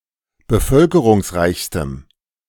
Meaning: strong dative masculine/neuter singular superlative degree of bevölkerungsreich
- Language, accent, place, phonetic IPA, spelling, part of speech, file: German, Germany, Berlin, [bəˈfœlkəʁʊŋsˌʁaɪ̯çstəm], bevölkerungsreichstem, adjective, De-bevölkerungsreichstem.ogg